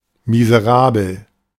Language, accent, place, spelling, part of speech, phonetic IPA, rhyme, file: German, Germany, Berlin, miserabel, adjective, [mizəˈʁaːbl̩], -aːbl̩, De-miserabel.ogg
- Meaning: 1. bad, lousy 2. miserable